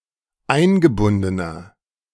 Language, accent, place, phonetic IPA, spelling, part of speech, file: German, Germany, Berlin, [ˈaɪ̯nɡəˌbʊndənɐ], eingebundener, adjective, De-eingebundener.ogg
- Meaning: inflection of eingebunden: 1. strong/mixed nominative masculine singular 2. strong genitive/dative feminine singular 3. strong genitive plural